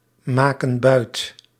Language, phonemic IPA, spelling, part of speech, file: Dutch, /ˈmakə(n) ˈbœyt/, maken buit, verb, Nl-maken buit.ogg
- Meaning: inflection of buitmaken: 1. plural present indicative 2. plural present subjunctive